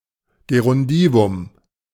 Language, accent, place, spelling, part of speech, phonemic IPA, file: German, Germany, Berlin, Gerundivum, noun, /ɡeʁʊnˈdiːvʊm/, De-Gerundivum.ogg
- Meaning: gerundive